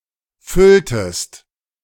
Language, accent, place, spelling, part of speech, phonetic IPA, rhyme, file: German, Germany, Berlin, fülltest, verb, [ˈfʏltəst], -ʏltəst, De-fülltest.ogg
- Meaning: inflection of füllen: 1. second-person singular preterite 2. second-person singular subjunctive II